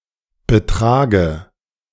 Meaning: inflection of betragen: 1. first-person singular present 2. first/third-person singular subjunctive I 3. singular imperative
- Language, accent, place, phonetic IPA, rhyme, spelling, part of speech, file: German, Germany, Berlin, [bəˈtʁaːɡə], -aːɡə, betrage, verb, De-betrage.ogg